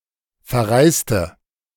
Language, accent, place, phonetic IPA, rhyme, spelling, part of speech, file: German, Germany, Berlin, [fɛɐ̯ˈʁaɪ̯stə], -aɪ̯stə, verreiste, verb / adjective, De-verreiste.ogg
- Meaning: inflection of verreisen: 1. first/third-person singular preterite 2. first/third-person singular subjunctive II